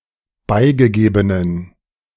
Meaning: inflection of beigegeben: 1. strong genitive masculine/neuter singular 2. weak/mixed genitive/dative all-gender singular 3. strong/weak/mixed accusative masculine singular 4. strong dative plural
- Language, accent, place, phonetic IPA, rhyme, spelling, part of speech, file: German, Germany, Berlin, [ˈbaɪ̯ɡəˌɡeːbənən], -aɪ̯ɡəɡeːbənən, beigegebenen, adjective, De-beigegebenen.ogg